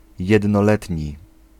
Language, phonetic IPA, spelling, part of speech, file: Polish, [ˌjɛdnɔˈlɛtʲɲi], jednoletni, adjective, Pl-jednoletni.ogg